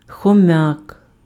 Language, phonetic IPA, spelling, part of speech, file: Ukrainian, [xɔˈmjak], хом'як, noun, Uk-хом'як.ogg
- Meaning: hamster